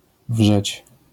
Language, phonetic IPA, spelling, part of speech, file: Polish, [vʒɛt͡ɕ], wrzeć, verb, LL-Q809 (pol)-wrzeć.wav